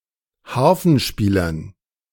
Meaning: dative plural of Harfenspieler
- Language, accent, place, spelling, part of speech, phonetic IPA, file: German, Germany, Berlin, Harfenspielern, noun, [ˈhaʁfn̩ˌʃpiːlɐn], De-Harfenspielern.ogg